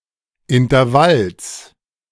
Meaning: genitive singular of Intervall
- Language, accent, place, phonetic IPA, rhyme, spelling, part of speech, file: German, Germany, Berlin, [ɪntɐˈvals], -als, Intervalls, noun, De-Intervalls.ogg